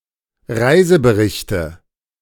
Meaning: nominative/accusative/genitive plural of Reisebericht
- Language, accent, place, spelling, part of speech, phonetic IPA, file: German, Germany, Berlin, Reiseberichte, noun, [ˈʁaɪ̯zəbəˌʁɪçtə], De-Reiseberichte.ogg